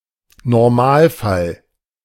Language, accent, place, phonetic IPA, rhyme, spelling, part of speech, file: German, Germany, Berlin, [nɔʁˈmaːlˌfal], -aːlfal, Normalfall, noun, De-Normalfall.ogg
- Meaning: rule (normal case)